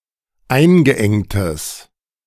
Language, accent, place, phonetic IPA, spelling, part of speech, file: German, Germany, Berlin, [ˈaɪ̯nɡəˌʔɛŋtəs], eingeengtes, adjective, De-eingeengtes.ogg
- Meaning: strong/mixed nominative/accusative neuter singular of eingeengt